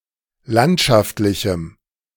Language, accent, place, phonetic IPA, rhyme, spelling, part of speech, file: German, Germany, Berlin, [ˈlantʃaftlɪçm̩], -antʃaftlɪçm̩, landschaftlichem, adjective, De-landschaftlichem.ogg
- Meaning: strong dative masculine/neuter singular of landschaftlich